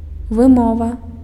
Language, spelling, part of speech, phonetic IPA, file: Belarusian, вымова, noun, [vɨˈmova], Be-вымова.ogg
- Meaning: pronunciation